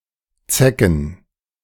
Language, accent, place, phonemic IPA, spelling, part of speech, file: German, Germany, Berlin, /ˈt͡sɛkn̩/, zecken, verb, De-zecken.ogg
- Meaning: 1. to touch, to hit slightly 2. to tease